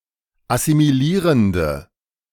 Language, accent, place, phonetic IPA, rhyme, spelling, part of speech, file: German, Germany, Berlin, [asimiˈliːʁəndə], -iːʁəndə, assimilierende, adjective, De-assimilierende.ogg
- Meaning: inflection of assimilierend: 1. strong/mixed nominative/accusative feminine singular 2. strong nominative/accusative plural 3. weak nominative all-gender singular